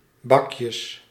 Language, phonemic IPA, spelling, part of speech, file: Dutch, /ˈbɑkjəs/, bakjes, noun, Nl-bakjes.ogg
- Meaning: plural of bakje